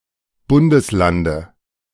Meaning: dative singular of Bundesland
- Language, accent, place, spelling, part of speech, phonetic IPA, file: German, Germany, Berlin, Bundeslande, noun, [ˈbʊndəsˌlandə], De-Bundeslande.ogg